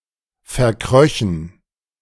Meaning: first-person plural subjunctive II of verkriechen
- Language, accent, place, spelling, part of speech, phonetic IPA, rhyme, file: German, Germany, Berlin, verkröchen, verb, [fɛɐ̯ˈkʁœçn̩], -œçn̩, De-verkröchen.ogg